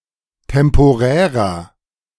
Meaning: inflection of temporär: 1. strong/mixed nominative masculine singular 2. strong genitive/dative feminine singular 3. strong genitive plural
- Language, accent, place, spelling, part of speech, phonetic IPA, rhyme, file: German, Germany, Berlin, temporärer, adjective, [tɛmpoˈʁɛːʁɐ], -ɛːʁɐ, De-temporärer.ogg